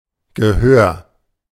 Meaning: 1. hearing (sense or faculty of perceiving and interpreting sound) 2. attention, being heard, being listened to
- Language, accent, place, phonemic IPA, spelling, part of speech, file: German, Germany, Berlin, /ɡəˈhøːr/, Gehör, noun, De-Gehör.ogg